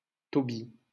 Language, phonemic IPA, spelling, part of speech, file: French, /tɔ.bi/, Tobie, proper noun, LL-Q150 (fra)-Tobie.wav
- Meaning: 1. Tobias (Biblical figure) 2. a male given name of biblical origin